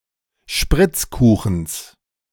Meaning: genitive singular of Spritzkuchen
- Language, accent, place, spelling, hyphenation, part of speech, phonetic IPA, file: German, Germany, Berlin, Spritzkuchens, Spritz‧ku‧chens, noun, [ˈʃpʁɪt͡sˌkuːxn̩s], De-Spritzkuchens.ogg